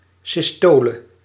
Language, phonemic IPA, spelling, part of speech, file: Dutch, /sɪsˈtoː.lə/, systole, noun, Nl-systole.ogg
- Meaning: systole